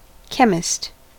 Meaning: 1. A person who specializes in the science of chemistry, especially at a professional level 2. Synonym of pharmacist 3. Synonym of pharmacy, especially as a standalone shop or general store
- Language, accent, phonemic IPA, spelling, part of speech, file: English, US, /ˈkɛmɪst/, chemist, noun, En-us-chemist.ogg